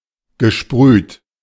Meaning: past participle of sprühen
- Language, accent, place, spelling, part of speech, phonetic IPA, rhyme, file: German, Germany, Berlin, gesprüht, verb, [ɡəˈʃpʁyːt], -yːt, De-gesprüht.ogg